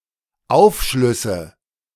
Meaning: nominative/accusative/genitive plural of Aufschluss
- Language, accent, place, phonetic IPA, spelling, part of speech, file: German, Germany, Berlin, [ˈaʊ̯fˌʃlʏsə], Aufschlüsse, noun, De-Aufschlüsse.ogg